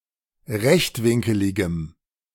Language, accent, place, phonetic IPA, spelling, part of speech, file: German, Germany, Berlin, [ˈʁɛçtˌvɪŋkəlɪɡəm], rechtwinkeligem, adjective, De-rechtwinkeligem.ogg
- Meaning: strong dative masculine/neuter singular of rechtwinkelig